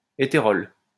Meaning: etherol
- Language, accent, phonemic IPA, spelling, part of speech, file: French, France, /e.te.ʁɔl/, éthérol, noun, LL-Q150 (fra)-éthérol.wav